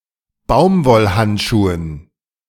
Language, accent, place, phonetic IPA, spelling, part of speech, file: German, Germany, Berlin, [ˈbaʊ̯mvɔlˌhantʃuːən], Baumwollhandschuhen, noun, De-Baumwollhandschuhen.ogg
- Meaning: dative plural of Baumwollhandschuh